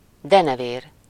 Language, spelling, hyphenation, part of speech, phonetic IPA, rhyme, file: Hungarian, denevér, de‧ne‧vér, noun, [ˈdɛnɛveːr], -eːr, Hu-denevér.ogg
- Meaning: bat (small flying mammal)